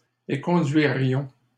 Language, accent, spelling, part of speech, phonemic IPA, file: French, Canada, éconduirions, verb, /e.kɔ̃.dɥi.ʁjɔ̃/, LL-Q150 (fra)-éconduirions.wav
- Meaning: first-person plural conditional of éconduire